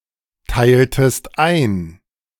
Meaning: inflection of einteilen: 1. second-person singular preterite 2. second-person singular subjunctive II
- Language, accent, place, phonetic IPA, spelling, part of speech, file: German, Germany, Berlin, [ˌtaɪ̯ltəst ˈaɪ̯n], teiltest ein, verb, De-teiltest ein.ogg